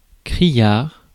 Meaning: shrill (of sound); garish (of colour etc.)
- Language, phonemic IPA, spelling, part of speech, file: French, /kʁi.jaʁ/, criard, adjective, Fr-criard.ogg